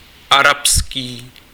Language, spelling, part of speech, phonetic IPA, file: Czech, arabský, adjective, [ˈarapskiː], Cs-arabský.ogg
- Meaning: Arab, Arabic